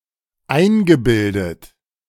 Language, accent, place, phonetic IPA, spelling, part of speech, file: German, Germany, Berlin, [ˈaɪ̯nɡəˌbɪldət], eingebildet, adjective / verb, De-eingebildet.ogg
- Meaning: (verb) past participle of einbilden; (adjective) big-headed, conceited